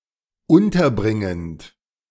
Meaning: present participle of unterbringen
- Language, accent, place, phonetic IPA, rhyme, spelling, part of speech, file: German, Germany, Berlin, [ˈʊntɐˌbʁɪŋənt], -ʊntɐbʁɪŋənt, unterbringend, verb, De-unterbringend.ogg